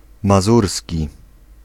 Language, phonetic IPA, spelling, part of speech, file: Polish, [maˈzursʲci], mazurski, adjective, Pl-mazurski.ogg